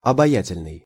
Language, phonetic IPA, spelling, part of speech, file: Russian, [ɐbɐˈjætʲɪlʲnɨj], обаятельный, adjective, Ru-обаятельный.ogg
- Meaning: charming, fascinating